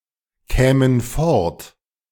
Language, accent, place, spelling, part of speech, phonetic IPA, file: German, Germany, Berlin, kämen fort, verb, [ˌkɛːmən ˈfɔʁt], De-kämen fort.ogg
- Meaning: first/third-person plural subjunctive II of fortkommen